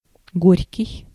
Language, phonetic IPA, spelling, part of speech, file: Russian, [ˈɡorʲkʲɪj], горький, adjective, Ru-горький.ogg
- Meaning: 1. bitter (comparative is го́рче (górče)) 2. woeful, sorrowful (comparative is го́рше (górše) or го́рший (góršij)) 3. unhappy, hopeless